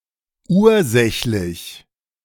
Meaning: causal
- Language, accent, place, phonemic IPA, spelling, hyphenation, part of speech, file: German, Germany, Berlin, /ˈuːɐ̯ˌzɛçlɪç/, ursächlich, ur‧säch‧lich, adjective, De-ursächlich.ogg